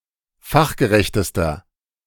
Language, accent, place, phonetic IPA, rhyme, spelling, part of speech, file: German, Germany, Berlin, [ˈfaxɡəˌʁɛçtəstɐ], -axɡəʁɛçtəstɐ, fachgerechtester, adjective, De-fachgerechtester.ogg
- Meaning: inflection of fachgerecht: 1. strong/mixed nominative masculine singular superlative degree 2. strong genitive/dative feminine singular superlative degree 3. strong genitive plural superlative degree